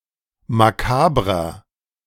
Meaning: 1. comparative degree of makaber 2. inflection of makaber: strong/mixed nominative masculine singular 3. inflection of makaber: strong genitive/dative feminine singular
- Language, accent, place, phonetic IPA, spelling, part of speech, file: German, Germany, Berlin, [maˈkaːbʁɐ], makabrer, adjective, De-makabrer.ogg